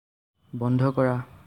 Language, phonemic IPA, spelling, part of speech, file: Assamese, /bɔn.dʱɔ kɔ.ɹɑ/, বন্ধ কৰা, verb, As-বন্ধ কৰা.ogg
- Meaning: 1. cause to turn off, switch off 2. cause to close 3. cause to stop, end (following an infinitive verb) 4. cause to shut